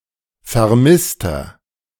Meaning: 1. missing person (male or of unspecified gender) 2. inflection of Vermisste: strong genitive/dative singular 3. inflection of Vermisste: strong genitive plural
- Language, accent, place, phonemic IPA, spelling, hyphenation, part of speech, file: German, Germany, Berlin, /fɛɐ̯ˈmɪstɐ/, Vermisster, Ver‧miss‧ter, noun, De-Vermisster.ogg